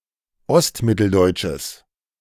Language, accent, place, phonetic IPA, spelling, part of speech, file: German, Germany, Berlin, [ˈɔstˌmɪtl̩dɔɪ̯t͡ʃəs], ostmitteldeutsches, adjective, De-ostmitteldeutsches.ogg
- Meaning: strong/mixed nominative/accusative neuter singular of ostmitteldeutsch